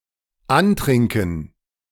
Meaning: 1. to get drunk or tipsy, especially as a purposeful action 2. to obtain some quality by getting drunk, for example courage 3. to try to overcome something by getting drunk
- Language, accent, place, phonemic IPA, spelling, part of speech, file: German, Germany, Berlin, /ˈanˌtrɪŋkən/, antrinken, verb, De-antrinken.ogg